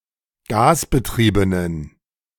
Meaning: inflection of gasbetrieben: 1. strong genitive masculine/neuter singular 2. weak/mixed genitive/dative all-gender singular 3. strong/weak/mixed accusative masculine singular 4. strong dative plural
- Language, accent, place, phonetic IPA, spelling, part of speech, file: German, Germany, Berlin, [ˈɡaːsbəˌtʁiːbənən], gasbetriebenen, adjective, De-gasbetriebenen.ogg